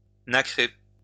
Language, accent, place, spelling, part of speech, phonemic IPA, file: French, France, Lyon, nacrer, verb, /na.kʁe/, LL-Q150 (fra)-nacrer.wav
- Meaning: to give the appearance of mother-of-pearl